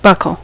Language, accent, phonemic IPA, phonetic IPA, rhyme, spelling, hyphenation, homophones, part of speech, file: English, General American, /ˈbʌkəl/, [ˈbʌkɫ̩], -ʌkəl, buckle, buck‧le, buccal, noun / verb, En-us-buckle.ogg